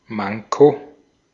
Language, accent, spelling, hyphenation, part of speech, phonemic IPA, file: German, Austria, Manko, Man‧ko, noun, /ˈmaŋko/, De-at-Manko.ogg
- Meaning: 1. shortcoming, deficiency 2. deficit, deficiency, shortage